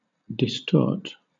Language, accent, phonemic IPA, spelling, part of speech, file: English, Southern England, /dɪsˈtɔːt/, distort, verb / adjective, LL-Q1860 (eng)-distort.wav
- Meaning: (verb) 1. To bring something out of shape, to misshape 2. To become misshapen 3. To give a false or misleading account of; pervert; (adjective) Distorted; misshapen